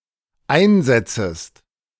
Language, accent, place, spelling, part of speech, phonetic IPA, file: German, Germany, Berlin, einsetzest, verb, [ˈaɪ̯nˌzɛt͡səst], De-einsetzest.ogg
- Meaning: second-person singular dependent subjunctive I of einsetzen